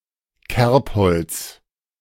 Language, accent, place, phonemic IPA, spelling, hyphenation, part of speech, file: German, Germany, Berlin, /ˈkɛʁpˌhɔlt͡s/, Kerbholz, Kerb‧holz, noun, De-Kerbholz.ogg
- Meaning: tally stick